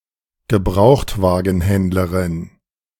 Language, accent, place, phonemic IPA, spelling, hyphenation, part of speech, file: German, Germany, Berlin, /ɡəˈbʁaʊ̯xtvaːɡn̩ˌhɛndləʁɪn/, Gebrauchtwagenhändlerin, Ge‧braucht‧wa‧gen‧händ‧le‧rin, noun, De-Gebrauchtwagenhändlerin.ogg
- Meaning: female equivalent of Gebrauchtwagenhändler (“used car salesperson”)